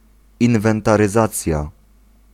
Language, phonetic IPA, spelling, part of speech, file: Polish, [ˌĩnvɛ̃ntarɨˈzat͡sʲja], inwentaryzacja, noun, Pl-inwentaryzacja.ogg